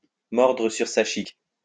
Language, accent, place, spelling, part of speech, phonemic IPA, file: French, France, Lyon, mordre sur sa chique, verb, /mɔʁ.dʁə syʁ sa ʃik/, LL-Q150 (fra)-mordre sur sa chique.wav
- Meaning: to tough it out, to gut it out, to bite the bullet